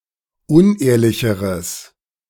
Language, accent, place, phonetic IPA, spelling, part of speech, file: German, Germany, Berlin, [ˈʊnˌʔeːɐ̯lɪçəʁəs], unehrlicheres, adjective, De-unehrlicheres.ogg
- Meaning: strong/mixed nominative/accusative neuter singular comparative degree of unehrlich